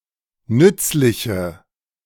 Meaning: inflection of nützlich: 1. strong/mixed nominative/accusative feminine singular 2. strong nominative/accusative plural 3. weak nominative all-gender singular
- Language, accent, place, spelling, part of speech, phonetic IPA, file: German, Germany, Berlin, nützliche, adjective, [ˈnʏt͡slɪçə], De-nützliche.ogg